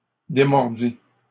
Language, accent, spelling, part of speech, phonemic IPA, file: French, Canada, démordit, verb, /de.mɔʁ.di/, LL-Q150 (fra)-démordit.wav
- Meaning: third-person singular past historic of démordre